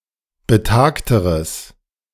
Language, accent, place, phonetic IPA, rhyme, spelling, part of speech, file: German, Germany, Berlin, [bəˈtaːktəʁəs], -aːktəʁəs, betagteres, adjective, De-betagteres.ogg
- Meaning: strong/mixed nominative/accusative neuter singular comparative degree of betagt